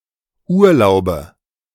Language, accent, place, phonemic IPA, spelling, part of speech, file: German, Germany, Berlin, /ˈʔuːɐ̯laʊ̯bə/, Urlaube, noun, De-Urlaube.ogg
- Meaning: nominative/accusative/genitive plural of Urlaub